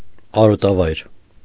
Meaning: pasture, pasture-ground
- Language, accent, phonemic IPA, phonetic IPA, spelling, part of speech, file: Armenian, Eastern Armenian, /ɑɾotɑˈvɑjɾ/, [ɑɾotɑvɑ́jɾ], արոտավայր, noun, Hy-արոտավայր.ogg